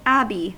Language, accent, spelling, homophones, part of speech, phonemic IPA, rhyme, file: English, US, abbey, Abby, noun, /ˈæbi/, -æbi, En-us-abbey.ogg
- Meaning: The office or dominion of an abbot or abbess